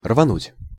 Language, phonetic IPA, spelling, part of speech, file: Russian, [rvɐˈnutʲ], рвануть, verb, Ru-рвануть.ogg
- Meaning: 1. to tear 2. to jerk, to tug 3. to start with a jerk, to get off with a jerk 4. to dash, to rush, to race, to scurry, to spurt; (car) to speed, to tear off, to zip, to zoom